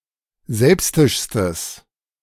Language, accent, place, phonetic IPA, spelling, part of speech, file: German, Germany, Berlin, [ˈzɛlpstɪʃstəs], selbstischstes, adjective, De-selbstischstes.ogg
- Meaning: strong/mixed nominative/accusative neuter singular superlative degree of selbstisch